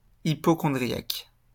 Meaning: hypochondriac (affected by hypochondria)
- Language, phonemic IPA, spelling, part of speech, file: French, /i.pɔ.kɔ̃.dʁi.jak/, hypocondriaque, adjective, LL-Q150 (fra)-hypocondriaque.wav